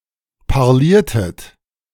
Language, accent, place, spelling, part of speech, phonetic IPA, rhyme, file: German, Germany, Berlin, parliertet, verb, [paʁˈliːɐ̯tət], -iːɐ̯tət, De-parliertet.ogg
- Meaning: inflection of parlieren: 1. second-person plural preterite 2. second-person plural subjunctive II